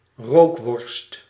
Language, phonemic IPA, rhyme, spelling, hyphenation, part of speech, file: Dutch, /ˈroːk.ʋɔrst/, -oːkʋɔrst, rookworst, rook‧worst, noun, Nl-rookworst.ogg
- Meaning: rookworst, a type of traditionally smoked (but now often cooked) sausage